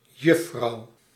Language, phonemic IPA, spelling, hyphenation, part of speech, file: Dutch, /ˈjʏfrɑu̯/, juffrouw, juf‧frouw, noun, Nl-juffrouw.ogg
- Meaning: 1. young woman, normally unmarried 2. female teacher at a primary school or a nursing school